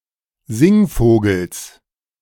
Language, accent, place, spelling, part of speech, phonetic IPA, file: German, Germany, Berlin, Singvogels, noun, [ˈzɪŋˌfoːɡl̩s], De-Singvogels.ogg
- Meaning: genitive singular of Singvogel